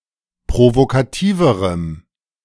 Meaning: strong dative masculine/neuter singular comparative degree of provokativ
- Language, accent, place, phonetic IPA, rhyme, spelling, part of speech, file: German, Germany, Berlin, [pʁovokaˈtiːvəʁəm], -iːvəʁəm, provokativerem, adjective, De-provokativerem.ogg